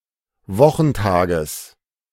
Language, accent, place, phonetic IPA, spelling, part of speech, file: German, Germany, Berlin, [ˈvɔxn̩ˌtaːɡəs], Wochentages, noun, De-Wochentages.ogg
- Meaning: genitive of Wochentag